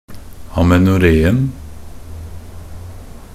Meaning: definite singular of amenoré
- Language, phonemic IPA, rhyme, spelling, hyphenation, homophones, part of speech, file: Norwegian Bokmål, /amɛnʊˈreːn̩/, -eːn̩, amenoréen, a‧me‧no‧ré‧en, amenoreen, noun, Nb-amenoréen.ogg